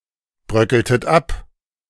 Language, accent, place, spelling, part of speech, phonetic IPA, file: German, Germany, Berlin, bröckeltet ab, verb, [ˌbʁœkəltət ˈap], De-bröckeltet ab.ogg
- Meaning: inflection of abbröckeln: 1. second-person plural preterite 2. second-person plural subjunctive II